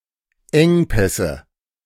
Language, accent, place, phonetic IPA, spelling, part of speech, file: German, Germany, Berlin, [ˈɛŋˌpɛsə], Engpässe, noun, De-Engpässe.ogg
- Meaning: nominative/accusative/genitive plural of Engpass